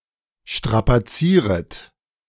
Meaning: second-person plural subjunctive I of strapazieren
- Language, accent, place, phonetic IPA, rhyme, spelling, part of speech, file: German, Germany, Berlin, [ˌʃtʁapaˈt͡siːʁət], -iːʁət, strapazieret, verb, De-strapazieret.ogg